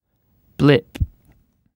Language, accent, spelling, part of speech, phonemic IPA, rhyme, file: English, Received Pronunciation, blip, noun / verb, /blɪp/, -ɪp, En-uk-blip.ogg
- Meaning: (noun) 1. A small dot registered on electronic equipment, such as a radar or oscilloscope screen 2. A short sound of a single pitch, usually electronically generated